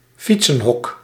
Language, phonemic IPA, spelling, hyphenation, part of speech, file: Dutch, /ˈfit.sə(n)ˌɦɔk/, fietsenhok, fiet‧sen‧hok, noun, Nl-fietsenhok.ogg
- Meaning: a roofed place where bicycle can be stalled; a bicycle shed (often (semi-)open)